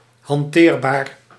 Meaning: 1. wieldable, wieldy 2. practicable, usable, employable
- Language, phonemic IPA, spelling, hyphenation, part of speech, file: Dutch, /ɦɑnˈteːr.baːr/, hanteerbaar, han‧teer‧baar, adjective, Nl-hanteerbaar.ogg